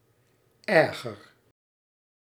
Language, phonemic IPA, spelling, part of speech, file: Dutch, /ˈɛrɣər/, erger, adjective / verb, Nl-erger.ogg
- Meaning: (adjective) comparative degree of erg; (verb) inflection of ergeren: 1. first-person singular present indicative 2. second-person singular present indicative 3. imperative